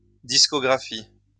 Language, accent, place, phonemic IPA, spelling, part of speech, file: French, France, Lyon, /dis.kɔ.ɡʁa.fi/, discographie, noun, LL-Q150 (fra)-discographie.wav
- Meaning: 1. discography 2. discography (complete collection of the releases of a musical act)